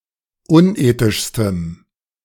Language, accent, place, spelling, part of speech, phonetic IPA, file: German, Germany, Berlin, unethischstem, adjective, [ˈʊnˌʔeːtɪʃstəm], De-unethischstem.ogg
- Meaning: strong dative masculine/neuter singular superlative degree of unethisch